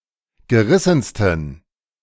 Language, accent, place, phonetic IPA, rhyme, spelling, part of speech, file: German, Germany, Berlin, [ɡəˈʁɪsn̩stən], -ɪsn̩stən, gerissensten, adjective, De-gerissensten.ogg
- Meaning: 1. superlative degree of gerissen 2. inflection of gerissen: strong genitive masculine/neuter singular superlative degree